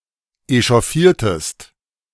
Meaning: inflection of echauffieren: 1. second-person singular preterite 2. second-person singular subjunctive II
- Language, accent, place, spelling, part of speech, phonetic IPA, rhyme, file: German, Germany, Berlin, echauffiertest, verb, [eʃɔˈfiːɐ̯təst], -iːɐ̯təst, De-echauffiertest.ogg